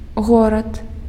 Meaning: city, town
- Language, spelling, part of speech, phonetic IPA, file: Belarusian, горад, noun, [ˈɣorat], Be-горад.ogg